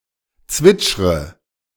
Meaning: inflection of zwitschern: 1. first-person singular present 2. first/third-person singular subjunctive I 3. singular imperative
- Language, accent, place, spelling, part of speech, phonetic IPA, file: German, Germany, Berlin, zwitschre, verb, [ˈt͡svɪt͡ʃʁə], De-zwitschre.ogg